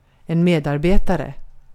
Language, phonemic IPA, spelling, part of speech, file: Swedish, /ˈmeːdarbeːtarɛ/, medarbetare, noun, Sv-medarbetare.ogg
- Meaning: coworker, colleague